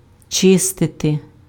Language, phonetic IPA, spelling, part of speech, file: Ukrainian, [ˈt͡ʃɪstete], чистити, verb, Uk-чистити.ogg
- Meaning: to clean